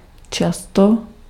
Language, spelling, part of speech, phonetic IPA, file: Czech, často, adverb, [ˈt͡ʃasto], Cs-často.ogg
- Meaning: often